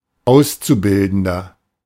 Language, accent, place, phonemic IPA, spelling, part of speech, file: German, Germany, Berlin, /ˈaʊ̯st͡suˌbɪldn̩dɐ/, Auszubildender, noun, De-Auszubildender.ogg
- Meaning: 1. apprentice (male or of unspecified gender) 2. trainee (male or of unspecified gender) 3. person doing an Ausbildung 4. inflection of Auszubildende: strong genitive/dative singular